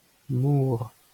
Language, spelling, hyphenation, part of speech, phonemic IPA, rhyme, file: Breton, mor, mor, noun, /ˈmoːr/, -oːr, LL-Q12107 (bre)-mor.wav
- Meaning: sea